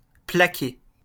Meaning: 1. to plate (to cover the surface material of an object with a thin coat of another material) 2. to tackle 3. to grapple
- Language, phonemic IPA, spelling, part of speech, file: French, /pla.ke/, plaquer, verb, LL-Q150 (fra)-plaquer.wav